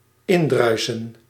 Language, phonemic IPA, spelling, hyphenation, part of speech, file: Dutch, /ˈɪnˌdrœy̯.sə(n)/, indruisen, in‧drui‧sen, verb, Nl-indruisen.ogg
- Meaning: to go against [with in], to be incompatible [with tegen ‘with’], to clash